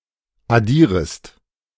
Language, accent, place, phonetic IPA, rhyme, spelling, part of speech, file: German, Germany, Berlin, [aˈdiːʁəst], -iːʁəst, addierest, verb, De-addierest.ogg
- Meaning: second-person singular subjunctive I of addieren